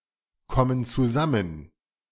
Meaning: inflection of zusammenkommen: 1. first/third-person plural present 2. first/third-person plural subjunctive I
- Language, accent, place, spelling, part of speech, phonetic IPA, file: German, Germany, Berlin, kommen zusammen, verb, [ˌkɔmən t͡suˈzamən], De-kommen zusammen.ogg